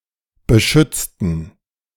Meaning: inflection of beschützen: 1. first/third-person plural preterite 2. first/third-person plural subjunctive II
- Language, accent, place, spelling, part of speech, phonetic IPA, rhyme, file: German, Germany, Berlin, beschützten, adjective / verb, [bəˈʃʏt͡stn̩], -ʏt͡stn̩, De-beschützten.ogg